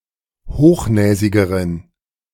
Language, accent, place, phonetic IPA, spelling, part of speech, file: German, Germany, Berlin, [ˈhoːxˌnɛːzɪɡəʁən], hochnäsigeren, adjective, De-hochnäsigeren.ogg
- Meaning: inflection of hochnäsig: 1. strong genitive masculine/neuter singular comparative degree 2. weak/mixed genitive/dative all-gender singular comparative degree